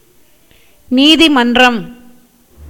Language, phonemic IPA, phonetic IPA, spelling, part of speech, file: Tamil, /niːd̪ɪmɐnrɐm/, [niːd̪ɪmɐndrɐm], நீதிமன்றம், noun, Ta-நீதிமன்றம்.ogg
- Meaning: court